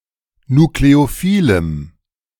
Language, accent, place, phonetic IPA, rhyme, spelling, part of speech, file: German, Germany, Berlin, [nukleoˈfiːləm], -iːləm, nukleophilem, adjective, De-nukleophilem.ogg
- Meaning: strong dative masculine/neuter singular of nukleophil